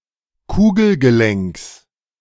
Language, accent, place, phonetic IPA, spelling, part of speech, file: German, Germany, Berlin, [ˈkuːɡl̩ɡəˌlɛŋks], Kugelgelenks, noun, De-Kugelgelenks.ogg
- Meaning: genitive singular of Kugelgelenk